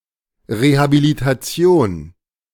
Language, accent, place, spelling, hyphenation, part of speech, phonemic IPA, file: German, Germany, Berlin, Rehabilitation, Re‧ha‧bi‧li‧ta‧ti‧on, noun, /ˌʁehabilitaˈt͡si̯oːn/, De-Rehabilitation.ogg
- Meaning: vindication (restoration of reputation)